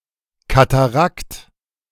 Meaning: 1. waterfall 2. rapid (water) 3. part of a steam engine 4. cataract
- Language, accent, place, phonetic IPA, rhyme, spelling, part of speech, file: German, Germany, Berlin, [kataˈʁakt], -akt, Katarakt, noun, De-Katarakt.ogg